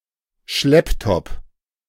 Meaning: laptop
- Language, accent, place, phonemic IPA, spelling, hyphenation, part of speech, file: German, Germany, Berlin, /ˈʃlɛptɔp/, Schlepptop, Schlepp‧top, noun, De-Schlepptop.ogg